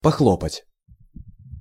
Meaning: 1. to slap 2. to give a clap
- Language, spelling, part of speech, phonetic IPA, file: Russian, похлопать, verb, [pɐˈxɫopətʲ], Ru-похлопать.ogg